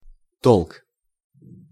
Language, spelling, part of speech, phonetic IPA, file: Russian, толк, noun, [toɫk], Ru-толк.ogg
- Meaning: 1. sense, use, judgment 2. talk, rumor 3. doctrine, trend, sort 4. push, shove, thrust